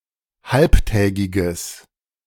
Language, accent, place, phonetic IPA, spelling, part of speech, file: German, Germany, Berlin, [ˈhalptɛːɡɪɡəs], halbtägiges, adjective, De-halbtägiges.ogg
- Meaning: strong/mixed nominative/accusative neuter singular of halbtägig